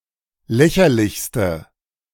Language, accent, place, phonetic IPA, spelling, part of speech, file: German, Germany, Berlin, [ˈlɛçɐlɪçstə], lächerlichste, adjective, De-lächerlichste.ogg
- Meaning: inflection of lächerlich: 1. strong/mixed nominative/accusative feminine singular superlative degree 2. strong nominative/accusative plural superlative degree